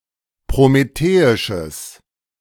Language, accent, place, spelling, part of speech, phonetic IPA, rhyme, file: German, Germany, Berlin, prometheisches, adjective, [pʁomeˈteːɪʃəs], -eːɪʃəs, De-prometheisches.ogg
- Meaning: strong/mixed nominative/accusative neuter singular of prometheisch